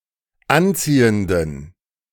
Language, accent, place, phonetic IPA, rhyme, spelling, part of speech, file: German, Germany, Berlin, [ˈanˌt͡siːəndn̩], -ant͡siːəndn̩, anziehenden, adjective, De-anziehenden.ogg
- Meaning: inflection of anziehend: 1. strong genitive masculine/neuter singular 2. weak/mixed genitive/dative all-gender singular 3. strong/weak/mixed accusative masculine singular 4. strong dative plural